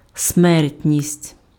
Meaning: 1. mortality (condition of being susceptible to death) 2. mortality, death rate (number of deaths)
- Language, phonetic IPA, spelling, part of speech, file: Ukrainian, [ˈsmɛrtʲnʲisʲtʲ], смертність, noun, Uk-смертність.ogg